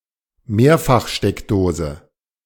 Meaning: power strip
- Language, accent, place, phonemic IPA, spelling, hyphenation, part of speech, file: German, Germany, Berlin, /ˈmeːɐ̯faxˌʃtɛkdoːzə/, Mehrfachsteckdose, Mehr‧fach‧steck‧do‧se, noun, De-Mehrfachsteckdose.ogg